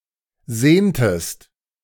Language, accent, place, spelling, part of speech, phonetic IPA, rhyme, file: German, Germany, Berlin, sehntest, verb, [ˈzeːntəst], -eːntəst, De-sehntest.ogg
- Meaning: inflection of sehnen: 1. second-person singular preterite 2. second-person singular subjunctive II